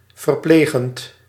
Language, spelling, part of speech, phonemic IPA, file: Dutch, verplegend, verb / adjective, /vərˈpleɣənt/, Nl-verplegend.ogg
- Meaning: present participle of verplegen